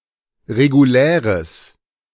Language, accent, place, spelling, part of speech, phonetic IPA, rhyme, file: German, Germany, Berlin, reguläres, adjective, [ʁeɡuˈlɛːʁəs], -ɛːʁəs, De-reguläres.ogg
- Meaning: strong/mixed nominative/accusative neuter singular of regulär